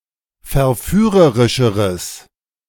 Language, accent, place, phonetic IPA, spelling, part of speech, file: German, Germany, Berlin, [fɛɐ̯ˈfyːʁəʁɪʃəʁəs], verführerischeres, adjective, De-verführerischeres.ogg
- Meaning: strong/mixed nominative/accusative neuter singular comparative degree of verführerisch